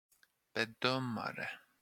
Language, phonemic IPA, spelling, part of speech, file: Swedish, /bɛˈdœmarɛ/, bedömare, noun, Sv-bedömare.flac
- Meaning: evaluator, assessor